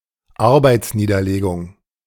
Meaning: an instance of organised stoppage of work: 1. a strike 2. an interruption of work in order to pay respect, commemorate, celebrate, etc
- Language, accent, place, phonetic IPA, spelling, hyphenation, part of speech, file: German, Germany, Berlin, [ˈaʁbaɪ̯tsˌniːdɐleːɡʊŋ], Arbeitsniederlegung, Ar‧beits‧nie‧der‧le‧gung, noun, De-Arbeitsniederlegung.ogg